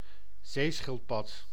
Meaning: 1. turtle of the family Cheloniidae 2. any turtle of the superfamily Chelonioidea
- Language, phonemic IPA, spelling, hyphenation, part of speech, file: Dutch, /ˈzeːˌsxɪl(t).pɑt/, zeeschildpad, zee‧schild‧pad, noun, Nl-zeeschildpad.ogg